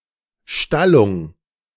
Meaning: stabling
- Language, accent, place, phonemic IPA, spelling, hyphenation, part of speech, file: German, Germany, Berlin, /ˈʃtalʊŋ/, Stallung, Stal‧lung, noun, De-Stallung.ogg